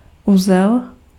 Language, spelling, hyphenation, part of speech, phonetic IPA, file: Czech, uzel, uzel, noun, [ˈuzɛl], Cs-uzel.ogg
- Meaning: 1. knot (looping) 2. knot (nautical unit of speed) 3. node (vertex or a leaf in a graph of a network)